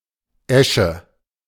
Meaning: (noun) ash (tree); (proper noun) Eš (a village in the Czech Republic)
- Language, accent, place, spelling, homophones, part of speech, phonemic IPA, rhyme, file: German, Germany, Berlin, Esche, Äsche, noun / proper noun, /ˈɛʃə/, -ɛʃə, De-Esche.ogg